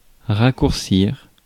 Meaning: 1. to shorten (to make shorter) 2. to shorten (to get shorter)
- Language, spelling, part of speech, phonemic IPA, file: French, raccourcir, verb, /ʁa.kuʁ.siʁ/, Fr-raccourcir.ogg